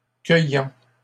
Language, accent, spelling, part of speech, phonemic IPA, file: French, Canada, cueillant, verb, /kœ.jɑ̃/, LL-Q150 (fra)-cueillant.wav
- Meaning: present participle of cueillir